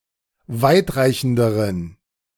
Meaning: inflection of weitreichend: 1. strong genitive masculine/neuter singular comparative degree 2. weak/mixed genitive/dative all-gender singular comparative degree
- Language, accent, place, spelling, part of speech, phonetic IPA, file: German, Germany, Berlin, weitreichenderen, adjective, [ˈvaɪ̯tˌʁaɪ̯çn̩dəʁən], De-weitreichenderen.ogg